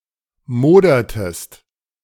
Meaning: inflection of modern: 1. second-person singular preterite 2. second-person singular subjunctive II
- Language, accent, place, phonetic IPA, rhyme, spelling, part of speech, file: German, Germany, Berlin, [ˈmoːdɐtəst], -oːdɐtəst, modertest, verb, De-modertest.ogg